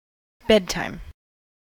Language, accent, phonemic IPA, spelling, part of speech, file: English, US, /ˈbɛdtaɪm/, bedtime, noun, En-us-bedtime.ogg
- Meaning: The time or hour at which one retires to bed in order to sleep